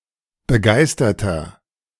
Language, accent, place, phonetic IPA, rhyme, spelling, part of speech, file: German, Germany, Berlin, [bəˈɡaɪ̯stɐtɐ], -aɪ̯stɐtɐ, begeisterter, adjective, De-begeisterter.ogg
- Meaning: 1. comparative degree of begeistert 2. inflection of begeistert: strong/mixed nominative masculine singular 3. inflection of begeistert: strong genitive/dative feminine singular